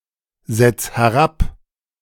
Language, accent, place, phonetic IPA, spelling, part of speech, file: German, Germany, Berlin, [ˌzɛt͡s hɛˈʁap], setz herab, verb, De-setz herab.ogg
- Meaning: 1. singular imperative of herabsetzen 2. first-person singular present of herabsetzen